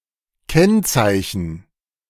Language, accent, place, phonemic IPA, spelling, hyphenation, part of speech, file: German, Germany, Berlin, /ˈkɛn.t͡saɪ̯.çən/, Kennzeichen, Kenn‧zei‧chen, noun, De-Kennzeichen.ogg
- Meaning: 1. characteristic, mark 2. earmark, marking, tag 3. registration identifier